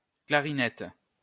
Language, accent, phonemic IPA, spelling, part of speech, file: French, France, /kla.ʁi.nɛt/, clarinette, noun, LL-Q150 (fra)-clarinette.wav
- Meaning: clarinet